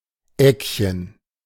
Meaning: diminutive of Ecke
- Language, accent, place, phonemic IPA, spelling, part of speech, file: German, Germany, Berlin, /ˈɛkçən/, Eckchen, noun, De-Eckchen.ogg